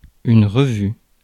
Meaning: 1. magazine, journal 2. troop inspection (military) 3. revue 4. revision
- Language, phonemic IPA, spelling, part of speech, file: French, /ʁə.vy/, revue, noun, Fr-revue.ogg